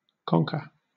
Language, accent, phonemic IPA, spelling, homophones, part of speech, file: English, Southern England, /ˈkɒŋkə/, conker, conquer, noun, LL-Q1860 (eng)-conker.wav
- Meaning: A horse chestnut, used in the game of conkers